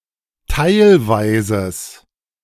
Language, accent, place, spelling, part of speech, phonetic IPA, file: German, Germany, Berlin, teilweises, adjective, [ˈtaɪ̯lvaɪ̯zəs], De-teilweises.ogg
- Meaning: strong/mixed nominative/accusative neuter singular of teilweise